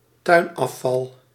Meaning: garden waste
- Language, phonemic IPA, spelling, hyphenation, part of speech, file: Dutch, /ˈtœy̯n.ɑˌfɑl/, tuinafval, tuin‧af‧val, noun, Nl-tuinafval.ogg